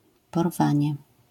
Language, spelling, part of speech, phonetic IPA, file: Polish, porwanie, noun, [pɔˈrvãɲɛ], LL-Q809 (pol)-porwanie.wav